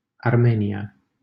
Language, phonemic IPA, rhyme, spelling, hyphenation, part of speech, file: Romanian, /arˈme.ni.a/, -enia, Armenia, Ar‧me‧ni‧a, proper noun, LL-Q7913 (ron)-Armenia.wav
- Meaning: Armenia (a country in the South Caucasus region of Asia, sometimes considered to belong politically to Europe)